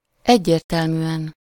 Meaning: unambiguously, definitely, clearly
- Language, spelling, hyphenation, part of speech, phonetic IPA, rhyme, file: Hungarian, egyértelműen, egy‧ér‧tel‧mű‧en, adverb, [ˈɛɟːeːrtɛlmyːɛn], -ɛn, Hu-egyértelműen.ogg